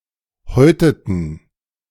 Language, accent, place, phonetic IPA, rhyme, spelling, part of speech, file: German, Germany, Berlin, [ˈhɔɪ̯tətn̩], -ɔɪ̯tətn̩, häuteten, verb, De-häuteten.ogg
- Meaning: inflection of häuten: 1. first/third-person plural preterite 2. first/third-person plural subjunctive II